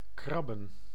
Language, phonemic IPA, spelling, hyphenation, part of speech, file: Dutch, /ˈkrɑ.bə(n)/, krabben, krab‧ben, verb / noun, Nl-krabben.ogg
- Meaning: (verb) to scratch; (noun) plural of krab